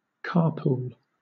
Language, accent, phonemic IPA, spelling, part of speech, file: English, Southern England, /ˈkɑːpuːl/, carpool, noun / verb, LL-Q1860 (eng)-carpool.wav
- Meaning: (noun) 1. An arrangement whereby several people travel together in the same car in order to save costs, reduce pollution etc 2. The group of people who participate in such a pool